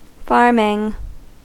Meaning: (noun) 1. The business of cultivating land, raising stock, etc 2. A farming operation; a farm, or instance of farming on a piece of land; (adjective) Pertaining to the agricultural business
- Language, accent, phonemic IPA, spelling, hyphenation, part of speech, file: English, US, /ˈfɑɹmɪŋ/, farming, farm‧ing, noun / adjective / verb, En-us-farming.ogg